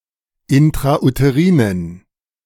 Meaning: inflection of intrauterin: 1. strong genitive masculine/neuter singular 2. weak/mixed genitive/dative all-gender singular 3. strong/weak/mixed accusative masculine singular 4. strong dative plural
- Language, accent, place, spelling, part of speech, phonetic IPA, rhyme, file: German, Germany, Berlin, intrauterinen, adjective, [ɪntʁaʔuteˈʁiːnən], -iːnən, De-intrauterinen.ogg